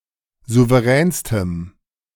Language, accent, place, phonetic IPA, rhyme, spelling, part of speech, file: German, Germany, Berlin, [ˌzuvəˈʁɛːnstəm], -ɛːnstəm, souveränstem, adjective, De-souveränstem.ogg
- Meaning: strong dative masculine/neuter singular superlative degree of souverän